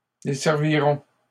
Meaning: third-person plural simple future of desservir
- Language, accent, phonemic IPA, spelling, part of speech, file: French, Canada, /de.sɛʁ.vi.ʁɔ̃/, desserviront, verb, LL-Q150 (fra)-desserviront.wav